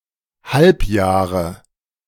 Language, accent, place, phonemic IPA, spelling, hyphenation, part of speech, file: German, Germany, Berlin, /ˈhalpˌjaːʁə/, Halbjahre, Halb‧jah‧re, noun, De-Halbjahre.ogg
- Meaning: 1. nominative plural of Halbjahr 2. genitive plural of Halbjahr 3. accusative plural of Halbjahr 4. dative singular of Halbjahr